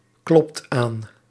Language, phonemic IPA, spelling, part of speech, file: Dutch, /ˈklɔpt ˈan/, klopt aan, verb, Nl-klopt aan.ogg
- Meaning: inflection of aankloppen: 1. second/third-person singular present indicative 2. plural imperative